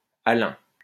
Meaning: alum
- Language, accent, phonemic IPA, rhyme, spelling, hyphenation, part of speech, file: French, France, /a.lœ̃/, -œ̃, alun, a‧lun, noun, LL-Q150 (fra)-alun.wav